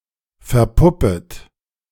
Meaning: second-person plural subjunctive I of verpuppen
- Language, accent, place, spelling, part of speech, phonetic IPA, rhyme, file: German, Germany, Berlin, verpuppet, verb, [fɛɐ̯ˈpʊpət], -ʊpət, De-verpuppet.ogg